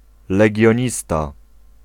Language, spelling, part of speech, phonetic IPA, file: Polish, legionista, noun, [ˌlɛɟɔ̇̃ˈɲista], Pl-legionista.ogg